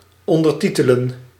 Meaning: to caption, to subtitle
- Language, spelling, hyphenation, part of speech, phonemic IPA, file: Dutch, ondertitelen, on‧der‧ti‧te‧len, verb, /ˌɔn.dərˈti.tə.lə(n)/, Nl-ondertitelen.ogg